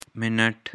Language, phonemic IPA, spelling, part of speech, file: Pashto, /mɪˈnəʈ/, منټ, noun, Minet-Pashto.ogg
- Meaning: minute (unit of time)